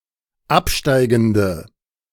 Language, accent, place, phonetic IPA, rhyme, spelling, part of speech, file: German, Germany, Berlin, [ˈapˌʃtaɪ̯ɡn̩də], -apʃtaɪ̯ɡn̩də, absteigende, adjective, De-absteigende.ogg
- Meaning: inflection of absteigend: 1. strong/mixed nominative/accusative feminine singular 2. strong nominative/accusative plural 3. weak nominative all-gender singular